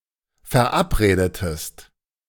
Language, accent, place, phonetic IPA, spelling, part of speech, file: German, Germany, Berlin, [fɛɐ̯ˈʔapˌʁeːdətəst], verabredetest, verb, De-verabredetest.ogg
- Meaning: inflection of verabreden: 1. second-person singular preterite 2. second-person singular subjunctive II